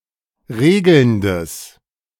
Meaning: strong/mixed nominative/accusative neuter singular of regelnd
- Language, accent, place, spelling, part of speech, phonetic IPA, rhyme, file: German, Germany, Berlin, regelndes, adjective, [ˈʁeːɡl̩ndəs], -eːɡl̩ndəs, De-regelndes.ogg